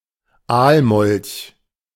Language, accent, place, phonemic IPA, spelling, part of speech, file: German, Germany, Berlin, /ˈaːlˌmɔlç/, Aalmolch, noun, De-Aalmolch.ogg
- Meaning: amphiuma, conger eel, congo snake (a genus of aquatic salamanders (and thus actually amphibians, and not fish, nor reptiles), the only extant genus within the family Amphiumidae)